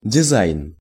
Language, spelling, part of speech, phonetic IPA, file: Russian, дизайн, noun, [dʲɪˈzajn], Ru-дизайн.ogg
- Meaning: design, style